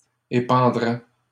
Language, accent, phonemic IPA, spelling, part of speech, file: French, Canada, /e.pɑ̃.dʁɛ/, épandraient, verb, LL-Q150 (fra)-épandraient.wav
- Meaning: third-person plural conditional of épandre